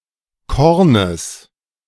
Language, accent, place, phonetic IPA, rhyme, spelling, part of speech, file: German, Germany, Berlin, [ˈkɔʁnəs], -ɔʁnəs, Kornes, noun, De-Kornes.ogg
- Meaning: genitive singular of Korn